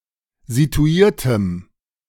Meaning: strong dative masculine/neuter singular of situiert
- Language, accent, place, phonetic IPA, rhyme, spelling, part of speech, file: German, Germany, Berlin, [zituˈiːɐ̯təm], -iːɐ̯təm, situiertem, adjective, De-situiertem.ogg